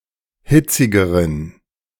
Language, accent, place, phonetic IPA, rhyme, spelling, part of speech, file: German, Germany, Berlin, [ˈhɪt͡sɪɡəʁən], -ɪt͡sɪɡəʁən, hitzigeren, adjective, De-hitzigeren.ogg
- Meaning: inflection of hitzig: 1. strong genitive masculine/neuter singular comparative degree 2. weak/mixed genitive/dative all-gender singular comparative degree